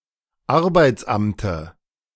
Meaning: dative singular of Arbeitsamt
- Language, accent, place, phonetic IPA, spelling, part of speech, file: German, Germany, Berlin, [ˈaʁbaɪ̯t͡sˌʔamtə], Arbeitsamte, noun, De-Arbeitsamte.ogg